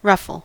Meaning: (noun) 1. Any gathered or curled strip of fabric added as trim or decoration 2. Disturbance; agitation; commotion 3. A low, vibrating beat of a drum, quieter than a roll; a ruff
- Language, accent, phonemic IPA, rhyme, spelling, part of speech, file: English, US, /ˈɹʌfəl/, -ʌfəl, ruffle, noun / verb, En-us-ruffle.ogg